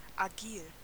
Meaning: agile (having the faculty of quick motion in the limbs)
- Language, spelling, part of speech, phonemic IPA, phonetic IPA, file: German, agil, adjective, /aˈɡiːl/, [ʔaˈɡiːl], De-agil.ogg